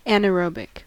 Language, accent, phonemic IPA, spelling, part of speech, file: English, US, /ˌænəˈɹoʊbɪk/, anaerobic, adjective, En-us-anaerobic.ogg
- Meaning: Without oxygen; especially of an environment or organism